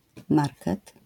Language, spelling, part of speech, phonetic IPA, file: Polish, market, noun, [ˈmarkɛt], LL-Q809 (pol)-market.wav